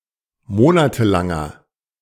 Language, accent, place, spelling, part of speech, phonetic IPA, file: German, Germany, Berlin, monatelanger, adjective, [ˈmoːnatəˌlaŋɐ], De-monatelanger.ogg
- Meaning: inflection of monatelang: 1. strong/mixed nominative masculine singular 2. strong genitive/dative feminine singular 3. strong genitive plural